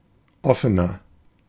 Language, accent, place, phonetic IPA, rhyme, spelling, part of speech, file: German, Germany, Berlin, [ˈɔfənɐ], -ɔfənɐ, offener, adjective, De-offener.ogg
- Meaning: 1. comparative degree of offen 2. inflection of offen: strong/mixed nominative masculine singular 3. inflection of offen: strong genitive/dative feminine singular